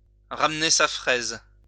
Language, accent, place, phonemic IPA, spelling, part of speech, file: French, France, Lyon, /ʁam.ne sa fʁɛz/, ramener sa fraise, verb, LL-Q150 (fra)-ramener sa fraise.wav
- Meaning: to get one's butt somewhere